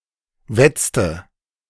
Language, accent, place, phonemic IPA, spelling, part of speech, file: German, Germany, Berlin, /ˈvɛt͡s.tə/, wetzte, verb, De-wetzte.ogg
- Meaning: inflection of wetzen: 1. first/third-person singular preterite 2. first/third-person singular subjunctive II